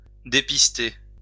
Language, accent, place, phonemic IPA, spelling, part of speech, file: French, France, Lyon, /de.pis.te/, dépister, verb, LL-Q150 (fra)-dépister.wav
- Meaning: 1. to track an animal using its tracks 2. to derail 3. to screen 4. to shake off, throw off